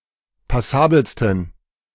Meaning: 1. superlative degree of passabel 2. inflection of passabel: strong genitive masculine/neuter singular superlative degree
- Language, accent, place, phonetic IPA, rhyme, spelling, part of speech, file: German, Germany, Berlin, [paˈsaːbl̩stn̩], -aːbl̩stn̩, passabelsten, adjective, De-passabelsten.ogg